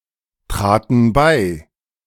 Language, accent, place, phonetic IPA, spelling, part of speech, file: German, Germany, Berlin, [ˌtʁaːtn̩ ˈbaɪ̯], traten bei, verb, De-traten bei.ogg
- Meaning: first/third-person plural preterite of beitreten